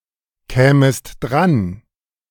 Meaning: second-person singular subjunctive II of drankommen
- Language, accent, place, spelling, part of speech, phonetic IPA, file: German, Germany, Berlin, kämest dran, verb, [ˌkɛːməst ˈdʁan], De-kämest dran.ogg